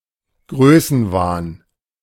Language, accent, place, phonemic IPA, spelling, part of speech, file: German, Germany, Berlin, /ˈɡʁøːsn̩vaːn/, Größenwahn, noun, De-Größenwahn.ogg
- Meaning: megalomania, delusion of grandeur